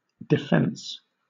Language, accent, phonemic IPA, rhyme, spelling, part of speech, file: English, Southern England, /dɪˈfɛns/, -ɛns, defence, noun / verb, LL-Q1860 (eng)-defence.wav
- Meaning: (noun) 1. The action of defending, of protecting from attack, danger or injury 2. Something used to oppose attacks 3. An argument in support or justification of something